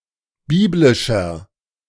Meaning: inflection of biblisch: 1. strong/mixed nominative masculine singular 2. strong genitive/dative feminine singular 3. strong genitive plural
- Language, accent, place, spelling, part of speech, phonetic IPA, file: German, Germany, Berlin, biblischer, adjective, [ˈbiːblɪʃɐ], De-biblischer.ogg